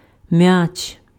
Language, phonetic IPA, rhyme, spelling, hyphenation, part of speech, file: Ukrainian, [mjat͡ʃ], -at͡ʃ, м'яч, м'яч, noun, Uk-м'яч.ogg
- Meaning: ball (object for playing games)